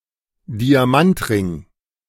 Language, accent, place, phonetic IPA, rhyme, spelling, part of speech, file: German, Germany, Berlin, [diaˈmantˌʁɪŋ], -antʁɪŋ, Diamantring, noun, De-Diamantring.ogg
- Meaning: diamond ring